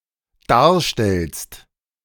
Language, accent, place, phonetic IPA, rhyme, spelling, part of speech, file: German, Germany, Berlin, [ˈdaːɐ̯ˌʃtɛlst], -aːɐ̯ʃtɛlst, darstellst, verb, De-darstellst.ogg
- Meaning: second-person singular dependent present of darstellen